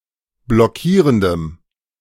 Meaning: strong dative masculine/neuter singular of blockierend
- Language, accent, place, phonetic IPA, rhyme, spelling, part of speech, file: German, Germany, Berlin, [blɔˈkiːʁəndəm], -iːʁəndəm, blockierendem, adjective, De-blockierendem.ogg